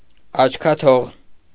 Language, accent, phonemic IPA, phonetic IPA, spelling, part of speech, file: Armenian, Eastern Armenian, /ɑt͡ʃʰkʰɑˈtʰoʁ/, [ɑt͡ʃʰkʰɑtʰóʁ], աչքաթող, adjective, Hy-աչքաթող.ogg
- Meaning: used only in the phrases